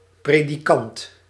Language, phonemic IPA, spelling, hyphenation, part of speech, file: Dutch, /ˌpreː.diˈkɑnt/, predikant, pre‧di‧kant, noun, Nl-predikant.ogg
- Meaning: preacher, minister (used in the Dutch Protestant church)